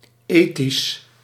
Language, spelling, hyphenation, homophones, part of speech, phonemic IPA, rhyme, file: Dutch, ethisch, ethisch, eighties, adjective, /ˈeː.tis/, -eːtis, Nl-ethisch.ogg
- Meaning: ethical